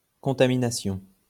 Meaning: contamination (act or process of contaminating)
- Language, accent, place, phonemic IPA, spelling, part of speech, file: French, France, Lyon, /kɔ̃.ta.mi.na.sjɔ̃/, contamination, noun, LL-Q150 (fra)-contamination.wav